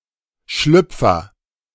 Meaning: 1. women's underwear; briefs, panties, knickers 2. slip-on shoe, loafer
- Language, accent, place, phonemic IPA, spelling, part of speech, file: German, Germany, Berlin, /ˈʃlʏpfɐ/, Schlüpfer, noun, De-Schlüpfer.ogg